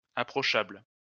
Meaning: approachable
- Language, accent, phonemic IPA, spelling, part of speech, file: French, France, /a.pʁɔ.ʃabl/, approchable, adjective, LL-Q150 (fra)-approchable.wav